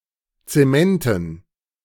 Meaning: dative plural of Zement
- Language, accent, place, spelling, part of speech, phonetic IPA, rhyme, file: German, Germany, Berlin, Zementen, noun, [t͡seˈmɛntn̩], -ɛntn̩, De-Zementen.ogg